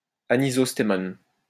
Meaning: anisostemonous
- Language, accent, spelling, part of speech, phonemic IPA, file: French, France, anisostémone, adjective, /a.ni.zɔs.te.mɔn/, LL-Q150 (fra)-anisostémone.wav